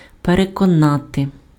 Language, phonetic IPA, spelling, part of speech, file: Ukrainian, [perekɔˈnate], переконати, verb, Uk-переконати.ogg
- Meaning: to convince, to persuade (make someone believe or feel sure about something)